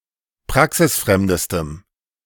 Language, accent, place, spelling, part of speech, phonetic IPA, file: German, Germany, Berlin, praxisfremdestem, adjective, [ˈpʁaksɪsˌfʁɛmdəstəm], De-praxisfremdestem.ogg
- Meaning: strong dative masculine/neuter singular superlative degree of praxisfremd